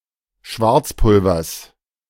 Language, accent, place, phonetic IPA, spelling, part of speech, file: German, Germany, Berlin, [ˈʃvaʁt͡sˌpʊlvɐs], Schwarzpulvers, noun, De-Schwarzpulvers.ogg
- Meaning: genitive singular of Schwarzpulver